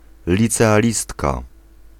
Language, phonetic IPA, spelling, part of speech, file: Polish, [ˌlʲit͡sɛaˈlʲistka], licealistka, noun, Pl-licealistka.ogg